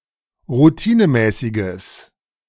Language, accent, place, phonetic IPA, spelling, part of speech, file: German, Germany, Berlin, [ʁuˈtiːnəˌmɛːsɪɡəs], routinemäßiges, adjective, De-routinemäßiges.ogg
- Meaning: strong/mixed nominative/accusative neuter singular of routinemäßig